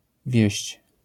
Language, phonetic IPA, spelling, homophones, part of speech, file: Polish, [vʲjɛ̇ɕt͡ɕ], wieźć, wieść, verb, LL-Q809 (pol)-wieźć.wav